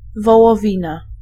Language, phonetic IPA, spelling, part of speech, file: Polish, [ˌvɔwɔˈvʲĩna], wołowina, noun, Pl-wołowina.ogg